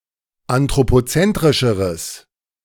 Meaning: strong/mixed nominative/accusative neuter singular comparative degree of anthropozentrisch
- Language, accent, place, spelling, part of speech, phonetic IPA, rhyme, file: German, Germany, Berlin, anthropozentrischeres, adjective, [antʁopoˈt͡sɛntʁɪʃəʁəs], -ɛntʁɪʃəʁəs, De-anthropozentrischeres.ogg